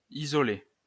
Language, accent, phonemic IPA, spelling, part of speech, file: French, France, /i.zɔ.le/, isolé, adjective / verb / noun, LL-Q150 (fra)-isolé.wav
- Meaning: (adjective) isolated; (verb) past participle of isoler; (noun) an independent rider in the Tour de France